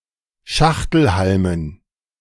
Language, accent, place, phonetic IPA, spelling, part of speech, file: German, Germany, Berlin, [ˈʃaxtl̩ˌhalmən], Schachtelhalmen, noun, De-Schachtelhalmen.ogg
- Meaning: dative plural of Schachtelhalm